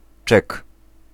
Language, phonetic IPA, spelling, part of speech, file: Polish, [t͡ʃɛk], czek, noun, Pl-czek.ogg